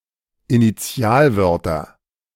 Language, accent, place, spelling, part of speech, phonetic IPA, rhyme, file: German, Germany, Berlin, Initialwörter, noun, [iniˈt͡si̯aːlˌvœʁtɐ], -aːlvœʁtɐ, De-Initialwörter.ogg
- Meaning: nominative/accusative/genitive plural of Initialwort